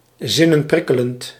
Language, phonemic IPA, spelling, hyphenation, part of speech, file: Dutch, /ˈzɪ.nəˌprɪ.kə.lənt/, zinnenprikkelend, zin‧nen‧prik‧ke‧lend, adjective, Nl-zinnenprikkelend.ogg
- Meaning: titillating, erotic, erotically stimulating